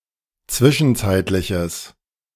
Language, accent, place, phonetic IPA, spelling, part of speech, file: German, Germany, Berlin, [ˈt͡svɪʃn̩ˌt͡saɪ̯tlɪçəs], zwischenzeitliches, adjective, De-zwischenzeitliches.ogg
- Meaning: strong/mixed nominative/accusative neuter singular of zwischenzeitlich